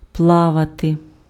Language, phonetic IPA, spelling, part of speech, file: Ukrainian, [ˈpɫaʋɐte], плавати, verb, Uk-плавати.ogg
- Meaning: 1. to swim 2. to float 3. to sail